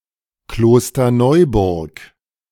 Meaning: a municipality of Lower Austria, Austria
- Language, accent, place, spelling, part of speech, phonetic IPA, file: German, Germany, Berlin, Klosterneuburg, proper noun, [ˌkloːstɐˈnɔɪ̯bʊʁk], De-Klosterneuburg.ogg